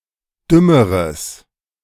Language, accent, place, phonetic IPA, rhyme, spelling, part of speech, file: German, Germany, Berlin, [ˈdʏməʁəs], -ʏməʁəs, dümmeres, adjective, De-dümmeres.ogg
- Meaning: strong/mixed nominative/accusative neuter singular comparative degree of dumm